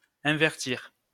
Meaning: to invert
- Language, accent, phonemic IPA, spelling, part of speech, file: French, France, /ɛ̃.vɛʁ.tiʁ/, invertir, verb, LL-Q150 (fra)-invertir.wav